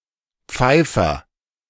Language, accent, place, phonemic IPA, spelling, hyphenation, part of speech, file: German, Germany, Berlin, /ˈp͡faɪ̯fɐ/, Pfeifer, Pfei‧fer, noun, De-Pfeifer.ogg
- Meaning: piper